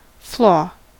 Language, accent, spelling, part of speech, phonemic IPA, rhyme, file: English, US, flaw, noun / verb, /ˈflɔː/, -ɔː, En-us-flaw.ogg
- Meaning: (noun) 1. A flake, fragment, or shiver 2. A thin cake, as of ice 3. A crack or breach, a gap or fissure; a defect of continuity or cohesion